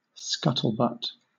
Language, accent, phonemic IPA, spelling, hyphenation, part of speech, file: English, Southern England, /ˈskʌtəlbʌt/, scuttlebutt, scut‧tle‧butt, noun / verb, LL-Q1860 (eng)-scuttlebutt.wav
- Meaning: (noun) Originally (now chiefly historical), a cask with a hole cut into its top, used to provide drinking water on board a ship; now (by extension, informal), a drinking fountain on a modern ship